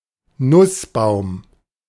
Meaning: walnut (tree)
- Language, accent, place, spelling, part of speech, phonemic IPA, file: German, Germany, Berlin, Nussbaum, noun, /ˈnʊsˌbaʊ̯m/, De-Nussbaum.ogg